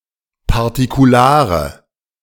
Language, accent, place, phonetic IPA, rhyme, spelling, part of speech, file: German, Germany, Berlin, [paʁtikuˈlaːʁə], -aːʁə, partikulare, adjective, De-partikulare.ogg
- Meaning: inflection of partikular: 1. strong/mixed nominative/accusative feminine singular 2. strong nominative/accusative plural 3. weak nominative all-gender singular